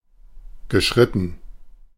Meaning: past participle of schreiten
- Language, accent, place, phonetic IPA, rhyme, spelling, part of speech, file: German, Germany, Berlin, [ɡəˈʃʁɪtn̩], -ɪtn̩, geschritten, verb, De-geschritten.ogg